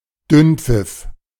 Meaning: diarrhea
- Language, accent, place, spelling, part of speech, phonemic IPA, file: German, Germany, Berlin, Dünnpfiff, noun, /ˈdʏnp͡fɪf/, De-Dünnpfiff.ogg